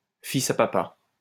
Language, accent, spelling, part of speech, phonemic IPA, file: French, France, fils à papa, noun, /fi.s‿a pa.pa/, LL-Q150 (fra)-fils à papa.wav
- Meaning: rich kid, daddy's boy, spoiled brat